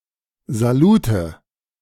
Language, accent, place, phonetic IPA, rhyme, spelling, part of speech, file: German, Germany, Berlin, [zaˈluːtə], -uːtə, Salute, noun, De-Salute.ogg
- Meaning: nominative/accusative/genitive plural of Salut